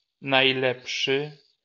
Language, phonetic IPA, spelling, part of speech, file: Polish, [najˈlɛpʃɨ], najlepszy, adjective, LL-Q809 (pol)-najlepszy.wav